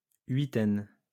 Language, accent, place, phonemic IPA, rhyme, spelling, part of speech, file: French, France, Lyon, /ɥi.tɛn/, -ɛn, huitaine, noun, LL-Q150 (fra)-huitaine.wav
- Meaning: 1. about eight 2. a group of eight, an octad 3. an eight-night period; a week 4. pendulette that one only winds up every eight days